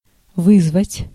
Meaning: 1. to call, to send for 2. to challenge, to defy 3. to summon 4. to arouse, to cause, to evoke, to excite
- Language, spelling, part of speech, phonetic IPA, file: Russian, вызвать, verb, [ˈvɨzvətʲ], Ru-вызвать.ogg